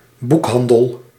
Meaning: bookshop, bookstore
- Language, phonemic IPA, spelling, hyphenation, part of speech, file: Dutch, /ˈbukˌɦɑn.dəl/, boekhandel, boek‧han‧del, noun, Nl-boekhandel.ogg